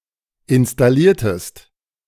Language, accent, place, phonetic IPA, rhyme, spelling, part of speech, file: German, Germany, Berlin, [ɪnstaˈliːɐ̯təst], -iːɐ̯təst, installiertest, verb, De-installiertest.ogg
- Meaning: inflection of installieren: 1. second-person singular preterite 2. second-person singular subjunctive II